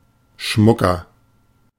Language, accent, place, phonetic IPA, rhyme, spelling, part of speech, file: German, Germany, Berlin, [ˈʃmʊkɐ], -ʊkɐ, schmucker, adjective, De-schmucker.ogg
- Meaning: 1. comparative degree of schmuck 2. inflection of schmuck: strong/mixed nominative masculine singular 3. inflection of schmuck: strong genitive/dative feminine singular